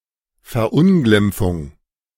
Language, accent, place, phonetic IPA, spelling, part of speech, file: German, Germany, Berlin, [fɛɐ̯ˈʔʊnɡlɪmp͡fʊŋ], Verunglimpfung, noun, De-Verunglimpfung.ogg
- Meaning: denigration, vilification, disparagement, slander